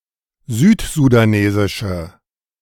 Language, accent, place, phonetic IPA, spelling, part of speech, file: German, Germany, Berlin, [ˈzyːtzudaˌneːzɪʃə], südsudanesische, adjective, De-südsudanesische.ogg
- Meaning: inflection of südsudanesisch: 1. strong/mixed nominative/accusative feminine singular 2. strong nominative/accusative plural 3. weak nominative all-gender singular